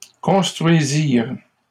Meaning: third-person plural past historic of construire
- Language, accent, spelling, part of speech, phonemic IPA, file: French, Canada, construisirent, verb, /kɔ̃s.tʁɥi.ziʁ/, LL-Q150 (fra)-construisirent.wav